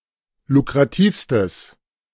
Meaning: strong/mixed nominative/accusative neuter singular superlative degree of lukrativ
- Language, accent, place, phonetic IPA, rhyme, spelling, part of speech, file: German, Germany, Berlin, [lukʁaˈtiːfstəs], -iːfstəs, lukrativstes, adjective, De-lukrativstes.ogg